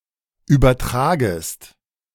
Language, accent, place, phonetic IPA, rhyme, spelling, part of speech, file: German, Germany, Berlin, [ˌyːbɐˈtʁaːɡəst], -aːɡəst, übertragest, verb, De-übertragest.ogg
- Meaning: second-person singular subjunctive I of übertragen